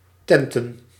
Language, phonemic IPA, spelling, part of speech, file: Dutch, /ˈtɛntə(n)/, tenten, noun / verb, Nl-tenten.ogg
- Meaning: plural of tent